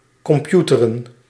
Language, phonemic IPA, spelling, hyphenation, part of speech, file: Dutch, /kɔmˈpju.tə.rə(n)/, computeren, com‧pu‧te‧ren, verb, Nl-computeren.ogg
- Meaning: to use the computer